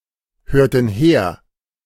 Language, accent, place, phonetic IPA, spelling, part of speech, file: German, Germany, Berlin, [ˌhøːɐ̯tn̩ ˈheːɐ̯], hörten her, verb, De-hörten her.ogg
- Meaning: inflection of herhören: 1. first/third-person plural preterite 2. first/third-person plural subjunctive II